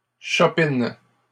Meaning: second-person singular present indicative/subjunctive of chopiner
- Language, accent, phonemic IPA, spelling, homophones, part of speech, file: French, Canada, /ʃɔ.pin/, chopines, chopine / chopinent, verb, LL-Q150 (fra)-chopines.wav